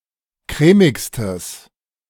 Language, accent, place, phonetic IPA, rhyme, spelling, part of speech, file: German, Germany, Berlin, [ˈkʁɛːmɪkstəs], -ɛːmɪkstəs, crèmigstes, adjective, De-crèmigstes.ogg
- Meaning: strong/mixed nominative/accusative neuter singular superlative degree of crèmig